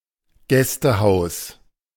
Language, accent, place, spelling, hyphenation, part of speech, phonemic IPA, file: German, Germany, Berlin, Gästehaus, Gäs‧te‧haus, noun, /ˈɡɛstəˌhaʊ̯s/, De-Gästehaus.ogg
- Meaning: guesthouse